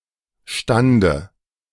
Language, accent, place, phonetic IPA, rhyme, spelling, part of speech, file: German, Germany, Berlin, [ˈʃtandə], -andə, Stande, noun, De-Stande.ogg
- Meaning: dative of Stand